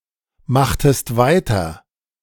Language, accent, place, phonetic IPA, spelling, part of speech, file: German, Germany, Berlin, [ˌmaxtəst ˈvaɪ̯tɐ], machtest weiter, verb, De-machtest weiter.ogg
- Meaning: inflection of weitermachen: 1. second-person singular preterite 2. second-person singular subjunctive II